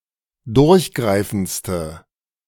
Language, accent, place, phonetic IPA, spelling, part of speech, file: German, Germany, Berlin, [ˈdʊʁçˌɡʁaɪ̯fn̩t͡stə], durchgreifendste, adjective, De-durchgreifendste.ogg
- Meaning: inflection of durchgreifend: 1. strong/mixed nominative/accusative feminine singular superlative degree 2. strong nominative/accusative plural superlative degree